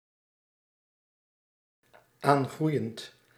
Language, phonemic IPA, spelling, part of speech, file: Dutch, /ˈaŋɣrʏjənt/, aangroeiend, verb, Nl-aangroeiend.ogg
- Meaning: present participle of aangroeien